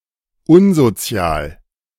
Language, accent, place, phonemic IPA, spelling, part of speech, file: German, Germany, Berlin, /ˈʊnzoˌt͡si̯aːl/, unsozial, adjective, De-unsozial.ogg
- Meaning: antisocial, unsocial, asocial